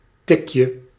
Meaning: diminutive of tik
- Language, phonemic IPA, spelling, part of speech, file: Dutch, /ˈtɪkjə/, tikje, noun, Nl-tikje.ogg